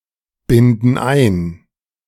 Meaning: inflection of einbinden: 1. first/third-person plural present 2. first/third-person plural subjunctive I
- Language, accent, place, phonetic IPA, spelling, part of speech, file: German, Germany, Berlin, [ˌbɪndn̩ ˈaɪ̯n], binden ein, verb, De-binden ein.ogg